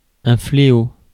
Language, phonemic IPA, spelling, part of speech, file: French, /fle.o/, fléau, noun, Fr-fléau.ogg
- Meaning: 1. a flail, either tool or weapon 2. a scourge; a curse, a calamity or a plague 3. the beam of a mechanical balance